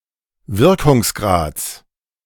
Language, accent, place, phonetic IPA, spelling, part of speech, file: German, Germany, Berlin, [ˈvɪʁkʊŋsˌɡʁaːt͡s], Wirkungsgrads, noun, De-Wirkungsgrads.ogg
- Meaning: genitive singular of Wirkungsgrad